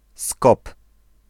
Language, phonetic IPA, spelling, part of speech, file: Polish, [skɔp], Skop, noun, Pl-Skop.ogg